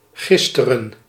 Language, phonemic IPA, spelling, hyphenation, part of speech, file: Dutch, /ˈɣɪs.tə.rə(n)/, gisteren, gis‧te‧ren, adverb, Nl-gisteren.ogg
- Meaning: yesterday